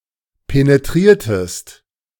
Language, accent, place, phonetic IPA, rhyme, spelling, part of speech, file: German, Germany, Berlin, [peneˈtʁiːɐ̯təst], -iːɐ̯təst, penetriertest, verb, De-penetriertest.ogg
- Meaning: inflection of penetrieren: 1. second-person singular preterite 2. second-person singular subjunctive II